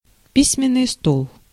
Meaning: desk (table for writing and reading)
- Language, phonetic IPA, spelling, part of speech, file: Russian, [ˈpʲisʲmʲɪn(ː)ɨj ˈstoɫ], письменный стол, noun, Ru-письменный стол.ogg